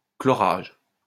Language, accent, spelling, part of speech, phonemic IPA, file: French, France, chlorage, noun, /klɔ.ʁaʒ/, LL-Q150 (fra)-chlorage.wav
- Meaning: chlorination